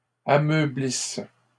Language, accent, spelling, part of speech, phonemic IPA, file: French, Canada, ameublisse, verb, /a.mœ.blis/, LL-Q150 (fra)-ameublisse.wav
- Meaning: inflection of ameublir: 1. first/third-person singular present subjunctive 2. first-person singular imperfect subjunctive